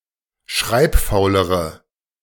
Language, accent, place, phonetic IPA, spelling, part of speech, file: German, Germany, Berlin, [ˈʃʁaɪ̯pˌfaʊ̯ləʁə], schreibfaulere, adjective, De-schreibfaulere.ogg
- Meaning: inflection of schreibfaul: 1. strong/mixed nominative/accusative feminine singular comparative degree 2. strong nominative/accusative plural comparative degree